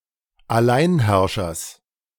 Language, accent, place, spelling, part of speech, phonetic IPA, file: German, Germany, Berlin, Alleinherrschers, noun, [aˈlaɪ̯nˌhɛʁʃɐs], De-Alleinherrschers.ogg
- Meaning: genitive singular of Alleinherrscher